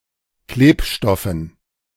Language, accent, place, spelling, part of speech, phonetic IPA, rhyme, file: German, Germany, Berlin, Klebstoffen, noun, [ˈkleːpˌʃtɔfn̩], -eːpʃtɔfn̩, De-Klebstoffen.ogg
- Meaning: dative plural of Klebstoff